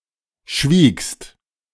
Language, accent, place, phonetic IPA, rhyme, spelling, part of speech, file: German, Germany, Berlin, [ʃviːkst], -iːkst, schwiegst, verb, De-schwiegst.ogg
- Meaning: second-person singular preterite of schweigen